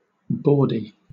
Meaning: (adjective) 1. Obscene; filthy; unchaste 2. Sexual in nature and usually meant to be humorous but considered rude; ribald; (noun) A bawdy or lewd person
- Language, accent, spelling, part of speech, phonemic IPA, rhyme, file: English, Southern England, bawdy, adjective / noun, /ˈbɔːdi/, -ɔːdi, LL-Q1860 (eng)-bawdy.wav